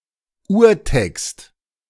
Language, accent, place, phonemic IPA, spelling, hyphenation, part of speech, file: German, Germany, Berlin, /ˈuːɐ̯ˌtɛkst/, Urtext, Ur‧text, noun, De-Urtext.ogg
- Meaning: 1. original version of a text 2. urtext